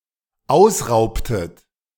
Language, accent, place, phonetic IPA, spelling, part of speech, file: German, Germany, Berlin, [ˈaʊ̯sˌʁaʊ̯ptət], ausraubtet, verb, De-ausraubtet.ogg
- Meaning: inflection of ausrauben: 1. second-person plural dependent preterite 2. second-person plural dependent subjunctive II